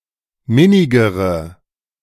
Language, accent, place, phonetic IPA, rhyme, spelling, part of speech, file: German, Germany, Berlin, [ˈmɪnɪɡəʁə], -ɪnɪɡəʁə, minnigere, adjective, De-minnigere.ogg
- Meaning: inflection of minnig: 1. strong/mixed nominative/accusative feminine singular comparative degree 2. strong nominative/accusative plural comparative degree